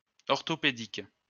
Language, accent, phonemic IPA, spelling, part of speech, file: French, France, /ɔʁ.tɔ.pe.dik/, orthopédique, adjective, LL-Q150 (fra)-orthopédique.wav
- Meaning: orthopedic